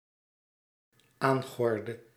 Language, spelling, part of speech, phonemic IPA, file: Dutch, aangordde, verb, /ˈaŋɣɔrdə/, Nl-aangordde.ogg
- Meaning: inflection of aangorden: 1. singular dependent-clause past indicative 2. singular dependent-clause past subjunctive